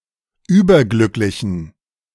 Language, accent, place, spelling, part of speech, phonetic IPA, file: German, Germany, Berlin, überglücklichen, adjective, [ˈyːbɐˌɡlʏklɪçn̩], De-überglücklichen.ogg
- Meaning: inflection of überglücklich: 1. strong genitive masculine/neuter singular 2. weak/mixed genitive/dative all-gender singular 3. strong/weak/mixed accusative masculine singular 4. strong dative plural